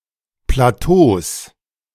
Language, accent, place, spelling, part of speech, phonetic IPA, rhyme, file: German, Germany, Berlin, Plateaus, noun, [plaˈtoːs], -oːs, De-Plateaus.ogg
- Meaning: plural of Plateau